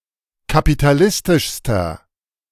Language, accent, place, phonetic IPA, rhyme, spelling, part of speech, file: German, Germany, Berlin, [kapitaˈlɪstɪʃstɐ], -ɪstɪʃstɐ, kapitalistischster, adjective, De-kapitalistischster.ogg
- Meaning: inflection of kapitalistisch: 1. strong/mixed nominative masculine singular superlative degree 2. strong genitive/dative feminine singular superlative degree